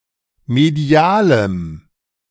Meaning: strong dative masculine/neuter singular of medial
- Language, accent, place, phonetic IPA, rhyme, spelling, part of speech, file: German, Germany, Berlin, [meˈdi̯aːləm], -aːləm, medialem, adjective, De-medialem.ogg